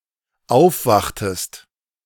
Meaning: inflection of aufwachen: 1. second-person singular dependent preterite 2. second-person singular dependent subjunctive II
- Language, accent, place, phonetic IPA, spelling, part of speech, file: German, Germany, Berlin, [ˈaʊ̯fˌvaxtəst], aufwachtest, verb, De-aufwachtest.ogg